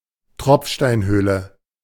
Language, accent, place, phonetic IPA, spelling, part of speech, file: German, Germany, Berlin, [ˈtʁɔpfʃtaɪ̯nhøːlə], Tropfsteinhöhle, noun, De-Tropfsteinhöhle.ogg
- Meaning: cave in which there are dripstones